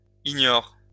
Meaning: inflection of ignorer: 1. first/third-person singular present indicative/subjunctive 2. second-person singular imperative
- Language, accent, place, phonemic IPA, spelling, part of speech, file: French, France, Lyon, /i.ɲɔʁ/, ignore, verb, LL-Q150 (fra)-ignore.wav